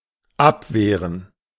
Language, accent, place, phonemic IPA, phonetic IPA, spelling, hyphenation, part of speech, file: German, Germany, Berlin, /ˈapˌveːʁən/, [ˈʔapˌveːɐ̯n], abwehren, ab‧weh‧ren, verb, De-abwehren.ogg
- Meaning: 1. to fend off, to repel, to keep away 2. to refuse, to say no 3. to deflect (change the path of a shot or throw by unwittingly touching the ball)